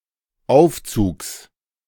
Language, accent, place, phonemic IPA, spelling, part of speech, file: German, Germany, Berlin, /ˈʔaʊ̯ftsuːks/, Aufzugs, noun, De-Aufzugs.ogg
- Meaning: genitive singular of Aufzug